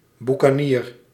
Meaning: buccaneer, pirate; originally especially in reference to French pirates and privateers operating in the Caribbean
- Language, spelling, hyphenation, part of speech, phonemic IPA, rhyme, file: Dutch, boekanier, boe‧ka‧nier, noun, /ˌbu.kaːˈniːr/, -iːr, Nl-boekanier.ogg